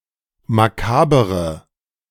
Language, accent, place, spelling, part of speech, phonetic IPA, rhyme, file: German, Germany, Berlin, makabere, adjective, [maˈkaːbəʁə], -aːbəʁə, De-makabere.ogg
- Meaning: inflection of makaber: 1. strong/mixed nominative/accusative feminine singular 2. strong nominative/accusative plural 3. weak nominative all-gender singular 4. weak accusative feminine/neuter singular